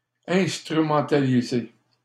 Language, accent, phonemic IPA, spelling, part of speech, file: French, Canada, /ɛ̃s.tʁy.mɑ̃.ta.li.ze/, instrumentaliser, verb, LL-Q150 (fra)-instrumentaliser.wav
- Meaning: to instrumentalize, to exploit, to use (for selfish gains)